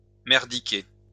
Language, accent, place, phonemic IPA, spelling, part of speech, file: French, France, Lyon, /mɛʁ.di.ke/, merdiquer, verb, LL-Q150 (fra)-merdiquer.wav
- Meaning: to mess up, to screw up